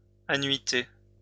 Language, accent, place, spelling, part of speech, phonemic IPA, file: French, France, Lyon, annuité, noun, /a.nɥi.te/, LL-Q150 (fra)-annuité.wav
- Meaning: 1. yearly installment, annual repayment 2. year of pensionable service 3. annuity